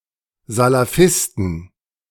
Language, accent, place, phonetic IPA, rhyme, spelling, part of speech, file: German, Germany, Berlin, [zalaˈfɪstn̩], -ɪstn̩, Salafisten, noun, De-Salafisten.ogg
- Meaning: plural of Salafist